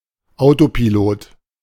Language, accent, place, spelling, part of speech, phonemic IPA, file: German, Germany, Berlin, Autopilot, noun, /ˈaʊ̯topiˌloːt/, De-Autopilot.ogg
- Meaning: autopilot